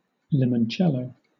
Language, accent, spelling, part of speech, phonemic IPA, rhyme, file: English, Southern England, limoncello, noun, /ˌlɪmənˈtʃɛləʊ/, -ɛləʊ, LL-Q1860 (eng)-limoncello.wav
- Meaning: 1. A kind of Italian lemon-flavoured liqueur 2. A glass of this drink